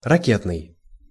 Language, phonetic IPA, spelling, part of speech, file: Russian, [rɐˈkʲetnɨj], ракетный, adjective, Ru-ракетный.ogg
- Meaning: 1. missile 2. rocket